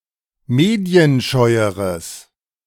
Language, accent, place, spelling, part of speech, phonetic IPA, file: German, Germany, Berlin, medienscheueres, adjective, [ˈmeːdi̯ənˌʃɔɪ̯əʁəs], De-medienscheueres.ogg
- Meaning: strong/mixed nominative/accusative neuter singular comparative degree of medienscheu